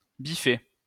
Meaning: 1. to cross out, strike through 2. to cancel, annul
- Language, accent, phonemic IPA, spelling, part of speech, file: French, France, /bi.fe/, biffer, verb, LL-Q150 (fra)-biffer.wav